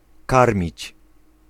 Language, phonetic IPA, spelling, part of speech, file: Polish, [ˈkarmʲit͡ɕ], karmić, verb, Pl-karmić.ogg